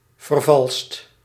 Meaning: 1. inflection of vervalsen: second/third-person singular present indicative 2. inflection of vervalsen: plural imperative 3. past participle of vervalsen
- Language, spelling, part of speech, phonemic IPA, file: Dutch, vervalst, verb, /vərˈvɑlst/, Nl-vervalst.ogg